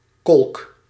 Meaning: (noun) 1. vortex, maelstrom 2. a drain that is part a sewer system
- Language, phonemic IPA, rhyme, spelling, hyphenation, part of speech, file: Dutch, /kɔlk/, -ɔlk, kolk, kolk, noun / verb, Nl-kolk.ogg